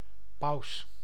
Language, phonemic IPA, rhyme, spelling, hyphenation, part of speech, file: Dutch, /pɑu̯s/, -ɑu̯s, paus, paus, noun, Nl-paus.ogg
- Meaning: pope